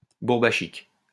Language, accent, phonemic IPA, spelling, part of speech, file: French, France, /buʁ.ba.ʃik/, bourbachique, adjective, LL-Q150 (fra)-bourbachique.wav
- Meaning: Bourbakian